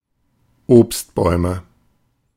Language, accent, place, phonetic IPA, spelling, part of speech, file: German, Germany, Berlin, [ˈoːpstˌbɔɪ̯mə], Obstbäume, noun, De-Obstbäume.ogg
- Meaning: nominative/accusative/genitive plural of Obstbaum